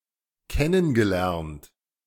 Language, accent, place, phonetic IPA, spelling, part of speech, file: German, Germany, Berlin, [ˈkɛnən ɡəˌlɛʁnt], kennen gelernt, verb, De-kennen gelernt.ogg
- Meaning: past participle of kennen lernen